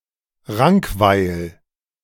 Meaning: a municipality of Vorarlberg, Austria
- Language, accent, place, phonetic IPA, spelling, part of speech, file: German, Germany, Berlin, [ˈʁaŋkˌvaɪ̯l], Rankweil, proper noun, De-Rankweil.ogg